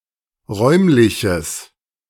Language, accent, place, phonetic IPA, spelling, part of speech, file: German, Germany, Berlin, [ˈʁɔɪ̯mlɪçəs], räumliches, adjective, De-räumliches.ogg
- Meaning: strong/mixed nominative/accusative neuter singular of räumlich